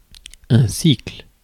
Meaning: 1. cycle 2. middle school, junior high school
- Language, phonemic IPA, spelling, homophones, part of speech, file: French, /sikl/, cycle, cycles / sicle / sicles, noun, Fr-cycle.ogg